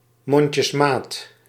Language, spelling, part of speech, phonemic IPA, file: Dutch, mondjesmaat, adverb, /ˈmɔɲcəsˌmat/, Nl-mondjesmaat.ogg
- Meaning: in a barely sufficient quantity